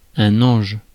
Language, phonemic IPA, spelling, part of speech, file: French, /ɑ̃ʒ/, ange, noun, Fr-ange.ogg
- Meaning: angel